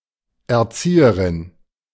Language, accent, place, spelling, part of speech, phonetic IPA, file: German, Germany, Berlin, Erzieherin, noun, [ɛɐ̯ˈt͡siːəʁɪn], De-Erzieherin.ogg
- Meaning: feminine equivalent of Erzieher m